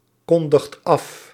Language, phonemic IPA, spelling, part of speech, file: Dutch, /ˈkɔndəxt ˈɑf/, kondigt af, verb, Nl-kondigt af.ogg
- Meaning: inflection of afkondigen: 1. second/third-person singular present indicative 2. plural imperative